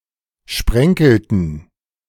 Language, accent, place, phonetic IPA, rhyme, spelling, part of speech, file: German, Germany, Berlin, [ˈʃpʁɛŋkl̩tn̩], -ɛŋkl̩tn̩, sprenkelten, verb, De-sprenkelten.ogg
- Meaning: inflection of sprenkeln: 1. first/third-person plural preterite 2. first/third-person plural subjunctive II